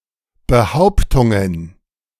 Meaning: plural of Behauptung
- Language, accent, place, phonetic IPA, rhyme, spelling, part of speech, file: German, Germany, Berlin, [bəˈhaʊ̯ptʊŋən], -aʊ̯ptʊŋən, Behauptungen, noun, De-Behauptungen.ogg